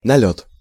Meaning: raid, foray, incursion (a sudden, rapid attack by a mobile force): 1. raid, swoop (by police to make arrests, or by a criminal gang to plunder) 2. air raid
- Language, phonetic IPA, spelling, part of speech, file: Russian, [nɐˈlʲɵt], налёт, noun, Ru-налёт.ogg